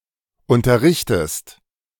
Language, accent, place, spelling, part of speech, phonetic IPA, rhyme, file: German, Germany, Berlin, unterrichtest, verb, [ˌʊntɐˈʁɪçtəst], -ɪçtəst, De-unterrichtest.ogg
- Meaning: inflection of unterrichten: 1. second-person singular present 2. second-person singular subjunctive I